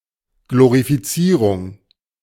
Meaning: glorification
- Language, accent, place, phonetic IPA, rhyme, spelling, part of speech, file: German, Germany, Berlin, [ɡloʁifiˈt͡siːʁʊŋ], -iːʁʊŋ, Glorifizierung, noun, De-Glorifizierung.ogg